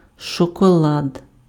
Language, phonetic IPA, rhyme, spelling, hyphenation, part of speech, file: Ukrainian, [ʃɔkɔˈɫad], -ad, шоколад, шо‧ко‧лад, noun, Uk-шоколад.ogg
- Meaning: chocolate